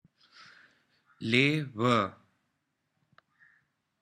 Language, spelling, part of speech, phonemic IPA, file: Pashto, لېوۀ, noun, /leˈwə/, Lewa.wav
- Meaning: wolf